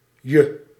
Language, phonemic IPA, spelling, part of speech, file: Dutch, /jə/, -je, suffix, Nl--je.ogg
- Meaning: alternative form of -tje